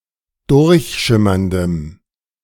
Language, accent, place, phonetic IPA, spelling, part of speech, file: German, Germany, Berlin, [ˈdʊʁçˌʃɪmɐndəm], durchschimmerndem, adjective, De-durchschimmerndem.ogg
- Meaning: strong dative masculine/neuter singular of durchschimmernd